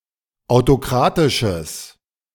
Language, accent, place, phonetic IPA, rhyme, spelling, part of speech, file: German, Germany, Berlin, [aʊ̯toˈkʁaːtɪʃəs], -aːtɪʃəs, autokratisches, adjective, De-autokratisches.ogg
- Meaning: strong/mixed nominative/accusative neuter singular of autokratisch